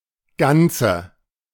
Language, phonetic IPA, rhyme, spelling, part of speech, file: German, [ˈɡant͡sə], -ant͡sə, Ganze, noun, De-Ganze.ogg